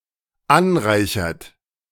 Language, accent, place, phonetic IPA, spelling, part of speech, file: German, Germany, Berlin, [ˈanˌʁaɪ̯çɐt], anreichert, verb, De-anreichert.ogg
- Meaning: inflection of anreichern: 1. third-person singular dependent present 2. second-person plural dependent present